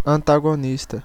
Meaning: 1. antagonist (opponent) 2. antagonist
- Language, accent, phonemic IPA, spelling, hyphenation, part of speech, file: Portuguese, Brazil, /ɐ̃.ta.ɡoˈnis.tɐ/, antagonista, an‧ta‧go‧nis‧ta, noun, Pt-br-antagonista.ogg